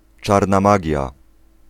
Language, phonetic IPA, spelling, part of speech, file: Polish, [ˈt͡ʃarna ˈmaɟja], czarna magia, noun, Pl-czarna magia.ogg